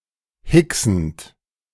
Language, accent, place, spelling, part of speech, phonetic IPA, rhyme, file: German, Germany, Berlin, hicksend, verb, [ˈhɪksn̩t], -ɪksn̩t, De-hicksend.ogg
- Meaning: present participle of hicksen